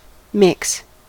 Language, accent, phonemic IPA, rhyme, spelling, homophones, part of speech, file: English, US, /ˈmɪks/, -ɪks, mix, micks / Micks / Mick's, verb / noun, En-us-mix.ogg
- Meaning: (verb) 1. To stir together 2. To combine (items from two or more sources normally kept separate)